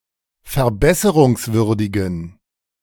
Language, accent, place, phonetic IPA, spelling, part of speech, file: German, Germany, Berlin, [fɛɐ̯ˈbɛsəʁʊŋsˌvʏʁdɪɡn̩], verbesserungswürdigen, adjective, De-verbesserungswürdigen.ogg
- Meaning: inflection of verbesserungswürdig: 1. strong genitive masculine/neuter singular 2. weak/mixed genitive/dative all-gender singular 3. strong/weak/mixed accusative masculine singular